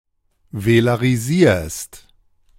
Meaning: second-person singular present of velarisieren
- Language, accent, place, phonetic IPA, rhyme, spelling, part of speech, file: German, Germany, Berlin, [velaʁiˈziːɐ̯st], -iːɐ̯st, velarisierst, verb, De-velarisierst.ogg